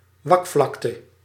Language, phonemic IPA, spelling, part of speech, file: Dutch, /ˈʋɑkflɑktə/, wakvlakte, noun, Nl-wakvlakte.ogg
- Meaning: polynya